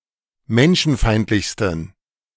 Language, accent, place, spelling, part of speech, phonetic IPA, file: German, Germany, Berlin, menschenfeindlichsten, adjective, [ˈmɛnʃn̩ˌfaɪ̯ntlɪçstn̩], De-menschenfeindlichsten.ogg
- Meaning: 1. superlative degree of menschenfeindlich 2. inflection of menschenfeindlich: strong genitive masculine/neuter singular superlative degree